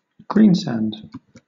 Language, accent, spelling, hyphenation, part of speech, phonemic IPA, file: English, Southern England, greensand, green‧sand, noun, /ˈɡɹiːnsænd/, LL-Q1860 (eng)-greensand.wav
- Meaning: A greenish sandstone containing glauconite